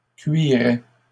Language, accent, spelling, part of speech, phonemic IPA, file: French, Canada, cuirait, verb, /kɥi.ʁɛ/, LL-Q150 (fra)-cuirait.wav
- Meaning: 1. third-person singular imperfect indicative of cuirer 2. third-person singular conditional of cuire